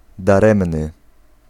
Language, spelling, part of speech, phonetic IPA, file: Polish, daremny, adjective, [daˈrɛ̃mnɨ], Pl-daremny.ogg